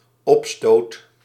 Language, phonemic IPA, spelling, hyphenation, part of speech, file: Dutch, /ˈɔp.stoːt/, opstoot, op‧stoot, noun, Nl-opstoot.ogg
- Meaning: 1. uproar, riot, brawl (unruly gathering of people with altercations) 2. outbreak, outburst (rapid development of a disease or symptoms) 3. uppercut